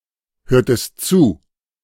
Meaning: inflection of zuhören: 1. second-person singular preterite 2. second-person singular subjunctive II
- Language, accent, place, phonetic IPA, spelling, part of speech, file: German, Germany, Berlin, [ˌhøːɐ̯təst ˈt͡suː], hörtest zu, verb, De-hörtest zu.ogg